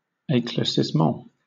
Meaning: An explanation of something obscure or unknown; clarification, enlightenment
- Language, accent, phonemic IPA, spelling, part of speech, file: English, Southern England, /eɪˌklɛə(ɹ)siːsˈmɒ̃n/, eclaircissement, noun, LL-Q1860 (eng)-eclaircissement.wav